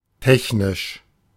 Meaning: 1. technical 2. technological 3. engineering
- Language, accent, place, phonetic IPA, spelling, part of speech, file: German, Germany, Berlin, [ˈtɛçnɪʃ], technisch, adjective, De-technisch.ogg